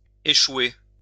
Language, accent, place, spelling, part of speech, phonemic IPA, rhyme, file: French, France, Lyon, échouer, verb, /e.ʃwe/, -we, LL-Q150 (fra)-échouer.wav
- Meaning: 1. to fail, fall through, miscarry 2. to end, wind up 3. to ground, run aground 4. to beach